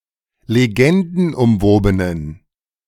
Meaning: inflection of legendenumwoben: 1. strong genitive masculine/neuter singular 2. weak/mixed genitive/dative all-gender singular 3. strong/weak/mixed accusative masculine singular 4. strong dative plural
- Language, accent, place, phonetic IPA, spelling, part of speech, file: German, Germany, Berlin, [leˈɡɛndn̩ʔʊmˌvoːbənən], legendenumwobenen, adjective, De-legendenumwobenen.ogg